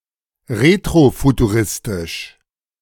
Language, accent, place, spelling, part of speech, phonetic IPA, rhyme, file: German, Germany, Berlin, retrofuturistisch, adjective, [ˌʁetʁofutuˈʁɪstɪʃ], -ɪstɪʃ, De-retrofuturistisch.ogg
- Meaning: retrofuturistic